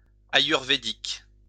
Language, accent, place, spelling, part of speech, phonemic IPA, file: French, France, Lyon, ayurvédique, adjective, /a.jyʁ.ve.dik/, LL-Q150 (fra)-ayurvédique.wav
- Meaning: Ayurvedic